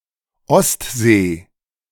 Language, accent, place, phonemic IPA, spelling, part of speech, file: German, Germany, Berlin, /ˈɔstzeː/, Ostsee, proper noun, De-Ostsee.ogg
- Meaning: Baltic Sea (a sea in Northern Europe, an arm of the Atlantic enclosed by Denmark, Estonia, Finland, Germany, Latvia, Lithuania, Poland, Russia and Sweden)